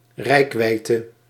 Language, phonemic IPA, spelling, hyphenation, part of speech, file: Dutch, /ˈrɛi̯kˌʋɛi̯.tə/, reikwijdte, reik‧wijd‧te, noun, Nl-reikwijdte.ogg
- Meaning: range, reach, scope